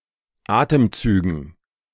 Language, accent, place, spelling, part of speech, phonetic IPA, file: German, Germany, Berlin, Atemzügen, noun, [ˈaːtəmˌt͡syːɡn̩], De-Atemzügen.ogg
- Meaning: dative plural of Atemzug